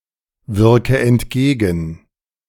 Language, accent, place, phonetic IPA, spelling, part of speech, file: German, Germany, Berlin, [ˌvɪʁkə ɛntˈɡeːɡn̩], wirke entgegen, verb, De-wirke entgegen.ogg
- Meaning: inflection of entgegenwirken: 1. first-person singular present 2. first/third-person singular subjunctive I 3. singular imperative